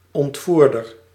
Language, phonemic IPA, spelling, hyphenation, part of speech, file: Dutch, /ˌɔntˈvur.dər/, ontvoerder, ont‧voer‧der, noun, Nl-ontvoerder.ogg
- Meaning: an abductor, a kidnapper (person who kidnaps someone)